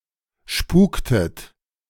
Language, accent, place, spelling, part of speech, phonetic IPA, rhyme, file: German, Germany, Berlin, spuktet, verb, [ˈʃpuːktət], -uːktət, De-spuktet.ogg
- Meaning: inflection of spuken: 1. second-person plural preterite 2. second-person plural subjunctive II